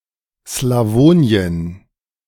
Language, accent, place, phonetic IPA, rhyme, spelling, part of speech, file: German, Germany, Berlin, [slaˈvoːni̯ən], -oːni̯ən, Slawonien, proper noun, De-Slawonien.ogg
- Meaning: Slavonia (a region of Croatia)